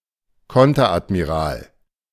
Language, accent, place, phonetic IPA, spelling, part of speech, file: German, Germany, Berlin, [ˈkɔntɐʔatmiˌʁaːl], Konteradmiral, noun, De-Konteradmiral.ogg
- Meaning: 1. rear admiral (a two-star rank in the modern German navy) 2. counter admiral, Konteradmiral (a one-star rank in various historical German-speaking navies)